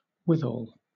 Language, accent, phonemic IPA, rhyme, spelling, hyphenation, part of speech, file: English, Southern England, /wɪˈðɔːl/, -ɔːl, withal, with‧al, adverb / noun / preposition, LL-Q1860 (eng)-withal.wav
- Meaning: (adverb) 1. Together with the rest; besides; in addition 2. All things considered; nevertheless 3. Synonym of therewith (“with this, that, or those”); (noun) The means; the wherewithal